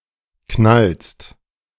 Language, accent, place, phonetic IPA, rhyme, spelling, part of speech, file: German, Germany, Berlin, [knalst], -alst, knallst, verb, De-knallst.ogg
- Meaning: second-person singular present of knallen